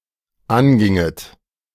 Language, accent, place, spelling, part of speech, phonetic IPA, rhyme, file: German, Germany, Berlin, anginget, verb, [ˈanˌɡɪŋət], -anɡɪŋət, De-anginget.ogg
- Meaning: second-person plural dependent subjunctive II of angehen